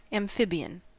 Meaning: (adjective) 1. Of or relating to the class Amphibia 2. Capable of operating on both land and water; amphibious 3. Having two natures
- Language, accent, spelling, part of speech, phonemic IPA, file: English, US, amphibian, adjective / noun, /æmˈfɪbɪən/, En-us-amphibian.ogg